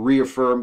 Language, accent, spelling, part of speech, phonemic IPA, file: English, US, reaffirm, verb, /ˌɹiəˈfɝm/, En-us-reaffirm.ogg
- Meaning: 1. To affirm again 2. To bolster or support